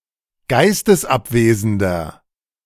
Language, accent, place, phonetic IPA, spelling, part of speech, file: German, Germany, Berlin, [ˈɡaɪ̯stəsˌʔapveːzn̩dɐ], geistesabwesender, adjective, De-geistesabwesender.ogg
- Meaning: inflection of geistesabwesend: 1. strong/mixed nominative masculine singular 2. strong genitive/dative feminine singular 3. strong genitive plural